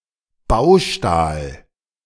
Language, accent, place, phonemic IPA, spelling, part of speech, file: German, Germany, Berlin, /ˈbaʊ̯ʃtaːl/, Baustahl, noun, De-Baustahl.ogg
- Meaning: structural steel